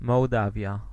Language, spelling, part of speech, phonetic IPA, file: Polish, Mołdawia, proper noun, [mɔwˈdavʲja], Pl-Mołdawia.ogg